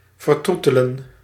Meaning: to pamper, to coddle
- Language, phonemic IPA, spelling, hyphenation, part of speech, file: Dutch, /vərˈtru.tə.lə(n)/, vertroetelen, ver‧troe‧te‧len, verb, Nl-vertroetelen.ogg